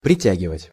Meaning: 1. to draw, to pull, to attract 2. to summon
- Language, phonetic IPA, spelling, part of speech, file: Russian, [prʲɪˈtʲæɡʲɪvətʲ], притягивать, verb, Ru-притягивать.ogg